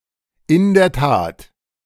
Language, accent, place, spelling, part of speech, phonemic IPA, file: German, Germany, Berlin, in der Tat, adverb, /ɪn deːɐ̯ taːt/, De-in der Tat.ogg
- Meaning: indeed